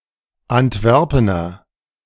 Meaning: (noun) a native or inhabitant of Antwerp; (adjective) of Antwerp
- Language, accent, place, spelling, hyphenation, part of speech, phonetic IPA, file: German, Germany, Berlin, Antwerpener, Ant‧wer‧pe‧ner, noun / adjective, [antˈvɛʁpənɐ], De-Antwerpener.ogg